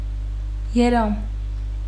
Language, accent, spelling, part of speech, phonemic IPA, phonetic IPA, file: Armenian, Western Armenian, երամ, noun, /jeˈɾɑm/, [jeɾɑ́m], HyW-երամ.ogg
- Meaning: 1. flock, flight (of birds) 2. swarm, bevy (of bees) 3. shoal, school (of fish)